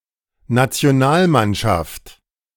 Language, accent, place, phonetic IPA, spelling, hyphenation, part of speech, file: German, Germany, Berlin, [nat͡si̯oˈnaːlˌmanʃaft], Nationalmannschaft, Na‧ti‧o‧nal‧mann‧schaft, noun, De-Nationalmannschaft.ogg
- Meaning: national sports team